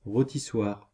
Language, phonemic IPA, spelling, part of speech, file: French, /ʁo.ti.swaʁ/, rôtissoire, noun, Fr-rôtissoire.ogg
- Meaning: rotisserie, broiler (device)